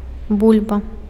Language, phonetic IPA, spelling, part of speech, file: Belarusian, [ˈbulʲba], бульба, noun, Be-бульба.ogg
- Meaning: 1. potato 2. bulba